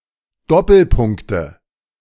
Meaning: nominative/accusative/genitive plural of Doppelpunkt
- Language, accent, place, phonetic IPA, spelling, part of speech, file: German, Germany, Berlin, [ˈdɔpl̩ˌpʊŋktə], Doppelpunkte, noun, De-Doppelpunkte.ogg